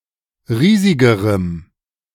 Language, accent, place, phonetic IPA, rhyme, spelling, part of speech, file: German, Germany, Berlin, [ˈʁiːzɪɡəʁəm], -iːzɪɡəʁəm, riesigerem, adjective, De-riesigerem.ogg
- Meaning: strong dative masculine/neuter singular comparative degree of riesig